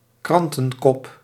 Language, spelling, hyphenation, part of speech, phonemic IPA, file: Dutch, krantenkop, kran‧ten‧kop, noun, /ˈkrɑn.tə(n)ˌkɔp/, Nl-krantenkop.ogg
- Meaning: a newspaper headline